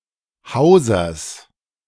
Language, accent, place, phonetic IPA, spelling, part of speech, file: German, Germany, Berlin, [ˈhaʊ̯zɐs], Hausers, noun, De-Hausers.ogg
- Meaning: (noun) genitive singular of Hauser